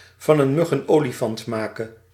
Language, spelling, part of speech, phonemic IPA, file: Dutch, van een mug een olifant maken, verb, /vɑn ən ˈmʏx ən ˈoːliˌfɑnt ˈmaːkən/, Nl-van een mug een olifant maken.ogg
- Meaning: to make a mountain out of a molehill